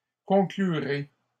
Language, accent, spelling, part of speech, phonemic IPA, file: French, Canada, conclurai, verb, /kɔ̃.kly.ʁe/, LL-Q150 (fra)-conclurai.wav
- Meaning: first-person singular simple future of conclure